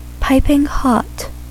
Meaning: 1. Used other than figuratively or idiomatically: see piping, hot: very hot in a way that involves sizzling, crackling, or similar noises 2. Very hot
- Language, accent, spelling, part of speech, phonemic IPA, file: English, US, piping hot, adjective, /ˌpaɪpɪŋ ˈhɑt/, En-us-piping hot.ogg